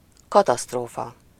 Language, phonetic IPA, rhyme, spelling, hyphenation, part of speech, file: Hungarian, [ˈkɒtɒstroːfɒ], -fɒ, katasztrófa, ka‧taszt‧ró‧fa, noun, Hu-katasztrófa.ogg
- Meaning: catastrophe, disaster